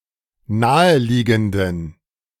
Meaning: inflection of naheliegend: 1. strong genitive masculine/neuter singular 2. weak/mixed genitive/dative all-gender singular 3. strong/weak/mixed accusative masculine singular 4. strong dative plural
- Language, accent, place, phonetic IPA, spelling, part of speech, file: German, Germany, Berlin, [ˈnaːəˌliːɡn̩dən], naheliegenden, adjective, De-naheliegenden.ogg